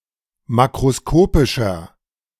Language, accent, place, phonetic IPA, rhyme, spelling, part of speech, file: German, Germany, Berlin, [ˌmakʁoˈskoːpɪʃɐ], -oːpɪʃɐ, makroskopischer, adjective, De-makroskopischer.ogg
- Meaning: inflection of makroskopisch: 1. strong/mixed nominative masculine singular 2. strong genitive/dative feminine singular 3. strong genitive plural